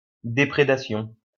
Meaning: damage, destruction, depredation
- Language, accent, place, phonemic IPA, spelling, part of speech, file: French, France, Lyon, /de.pʁe.da.sjɔ̃/, déprédation, noun, LL-Q150 (fra)-déprédation.wav